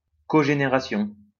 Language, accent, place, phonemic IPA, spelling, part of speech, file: French, France, Lyon, /ko.ʒe.ne.ʁa.sjɔ̃/, cogénération, noun, LL-Q150 (fra)-cogénération.wav
- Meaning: cogeneration